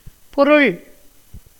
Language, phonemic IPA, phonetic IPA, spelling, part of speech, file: Tamil, /poɾʊɭ/, [po̞ɾʊɭ], பொருள், noun, Ta-பொருள்.ogg
- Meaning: 1. thing, substance, matter, entity 2. possession, belonging, item 3. meaning, sense, signification 4. thought, idea 5. subject 6. object, affair 7. essence 8. immutability, reality 9. learning